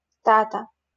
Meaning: dad, daddy
- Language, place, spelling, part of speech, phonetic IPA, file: Russian, Saint Petersburg, тата, noun, [ˈtatə], LL-Q7737 (rus)-тата.wav